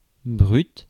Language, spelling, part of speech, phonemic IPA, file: French, brut, adjective, /bʁyt/, Fr-brut.ogg
- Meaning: 1. gross 2. raw 3. brut, strong